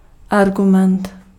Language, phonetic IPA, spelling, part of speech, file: Czech, [ˈarɡumɛnt], argument, noun, Cs-argument.ogg
- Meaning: argument (fact or statement used to support a proposition)